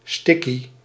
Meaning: a marihuana cigarette (generally smaller than a joint)
- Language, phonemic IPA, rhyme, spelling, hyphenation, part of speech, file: Dutch, /ˈstɪ.ki/, -ɪki, stickie, stic‧kie, noun, Nl-stickie.ogg